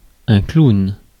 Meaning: 1. clown (performer) 2. clown (person who acts in a comic way)
- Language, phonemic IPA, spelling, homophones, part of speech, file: French, /klun/, clown, clowns, noun, Fr-clown.ogg